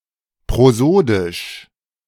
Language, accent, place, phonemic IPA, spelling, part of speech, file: German, Germany, Berlin, /pʁoˈzoːdɪʃ/, prosodisch, adjective, De-prosodisch.ogg
- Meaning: prosodic